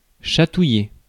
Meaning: to tickle
- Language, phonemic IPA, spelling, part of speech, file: French, /ʃa.tu.je/, chatouiller, verb, Fr-chatouiller.ogg